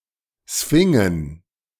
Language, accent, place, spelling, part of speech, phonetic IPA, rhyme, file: German, Germany, Berlin, Sphingen, noun, [ˈsfɪŋən], -ɪŋən, De-Sphingen.ogg
- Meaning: plural of Sphinx